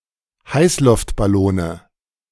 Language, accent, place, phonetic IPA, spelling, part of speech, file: German, Germany, Berlin, [ˈhaɪ̯slʊftbaˌloːnə], Heißluftballone, noun, De-Heißluftballone.ogg
- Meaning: nominative/accusative/genitive plural of Heißluftballon